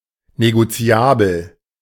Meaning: negotiable (able to be transferred to another person)
- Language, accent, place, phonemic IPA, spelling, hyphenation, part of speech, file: German, Germany, Berlin, /neɡoˈt͡si̯aːbl̩/, negoziabel, ne‧go‧zi‧a‧bel, adjective, De-negoziabel.ogg